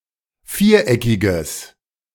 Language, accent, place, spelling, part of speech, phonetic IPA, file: German, Germany, Berlin, viereckiger, adjective, [ˈfiːɐ̯ˌʔɛkɪɡɐ], De-viereckiger.ogg
- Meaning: inflection of viereckig: 1. strong/mixed nominative masculine singular 2. strong genitive/dative feminine singular 3. strong genitive plural